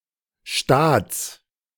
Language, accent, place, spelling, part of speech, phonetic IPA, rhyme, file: German, Germany, Berlin, Staats, noun, [ʃtaːt͡s], -aːt͡s, De-Staats.ogg
- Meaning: genitive singular of Staat